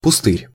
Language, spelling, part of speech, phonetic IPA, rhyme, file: Russian, пустырь, noun, [pʊˈstɨrʲ], -ɨrʲ, Ru-пустырь.ogg
- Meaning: 1. vacant lot 2. wasteland